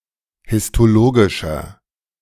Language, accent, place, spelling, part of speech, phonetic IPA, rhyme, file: German, Germany, Berlin, histologischer, adjective, [hɪstoˈloːɡɪʃɐ], -oːɡɪʃɐ, De-histologischer.ogg
- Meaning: inflection of histologisch: 1. strong/mixed nominative masculine singular 2. strong genitive/dative feminine singular 3. strong genitive plural